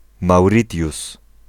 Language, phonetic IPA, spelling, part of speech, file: Polish, [mawˈrʲitʲjus], Mauritius, proper noun, Pl-Mauritius.ogg